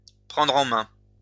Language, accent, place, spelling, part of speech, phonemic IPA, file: French, France, Lyon, prendre en main, verb, /pʁɑ̃.dʁ‿ɑ̃ mɛ̃/, LL-Q150 (fra)-prendre en main.wav
- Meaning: 1. to take charge of, to take in hand 2. to get a grip on one's life, to take oneself in hand